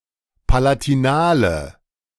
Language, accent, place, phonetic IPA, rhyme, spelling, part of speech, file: German, Germany, Berlin, [palatiˈnaːlə], -aːlə, palatinale, adjective, De-palatinale.ogg
- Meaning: inflection of palatinal: 1. strong/mixed nominative/accusative feminine singular 2. strong nominative/accusative plural 3. weak nominative all-gender singular